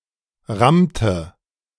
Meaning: inflection of rammen: 1. first/third-person singular preterite 2. first/third-person singular subjunctive II
- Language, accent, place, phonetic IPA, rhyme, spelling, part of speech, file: German, Germany, Berlin, [ˈʁamtə], -amtə, rammte, verb, De-rammte.ogg